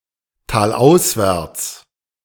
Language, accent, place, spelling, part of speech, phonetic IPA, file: German, Germany, Berlin, talauswärts, adverb, [ˌtaːlˈʔaʊ̯svɛʁt͡s], De-talauswärts.ogg
- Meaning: out of the valley